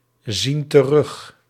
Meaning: inflection of terugzien: 1. plural present indicative 2. plural present subjunctive
- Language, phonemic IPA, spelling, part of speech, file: Dutch, /ˈzin t(ə)ˈrʏx/, zien terug, verb, Nl-zien terug.ogg